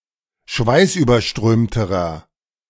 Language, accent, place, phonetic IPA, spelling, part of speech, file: German, Germany, Berlin, [ˈʃvaɪ̯sʔyːbɐˌʃtʁøːmtəʁɐ], schweißüberströmterer, adjective, De-schweißüberströmterer.ogg
- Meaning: inflection of schweißüberströmt: 1. strong/mixed nominative masculine singular comparative degree 2. strong genitive/dative feminine singular comparative degree